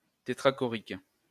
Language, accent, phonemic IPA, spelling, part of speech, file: French, France, /te.tʁa.kɔ.ʁik/, tétrachorique, adjective, LL-Q150 (fra)-tétrachorique.wav
- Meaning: tetrachoric